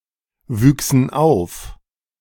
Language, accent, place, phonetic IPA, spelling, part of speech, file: German, Germany, Berlin, [ˌvyːksn̩ ˈaʊ̯f], wüchsen auf, verb, De-wüchsen auf.ogg
- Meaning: first-person plural subjunctive II of aufwachsen